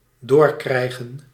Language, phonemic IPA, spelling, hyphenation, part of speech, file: Dutch, /ˈdoːrˌkrɛi̯ɣə(n)/, doorkrijgen, door‧krij‧gen, verb, Nl-doorkrijgen.ogg
- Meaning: 1. to receive, to be relayed, to be notified of (a message) 2. to realise, to figure out